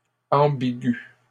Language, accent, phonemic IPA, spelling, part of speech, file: French, Canada, /ɑ̃.bi.ɡy/, ambigus, adjective / noun, LL-Q150 (fra)-ambigus.wav
- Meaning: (adjective) masculine plural of ambigu; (noun) plural of ambigu